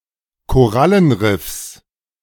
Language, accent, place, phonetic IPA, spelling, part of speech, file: German, Germany, Berlin, [koˈʁalənˌʁɪfs], Korallenriffs, noun, De-Korallenriffs.ogg
- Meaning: genitive singular of Korallenriff